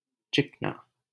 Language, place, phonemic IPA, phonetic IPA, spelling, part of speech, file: Hindi, Delhi, /t͡ʃɪk.nɑː/, [t͡ʃɪk.näː], चिकना, adjective, LL-Q1568 (hin)-चिकना.wav
- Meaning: smooth, polished; slippery